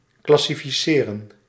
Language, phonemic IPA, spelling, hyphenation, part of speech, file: Dutch, /ˌklɑsifiˈseːrə(n)/, classificeren, clas‧si‧fi‧ce‧ren, verb, Nl-classificeren.ogg
- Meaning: to classify